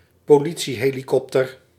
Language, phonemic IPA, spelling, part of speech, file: Dutch, /poːˈli(t)siɦeːlikɔptər/, politiehelikopter, noun, Nl-politiehelikopter.ogg
- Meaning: police helicopter